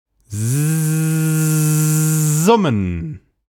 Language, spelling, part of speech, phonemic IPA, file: German, summen, verb, /ˈzʊmən/, De-summen.ogg
- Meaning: to buzz; to hum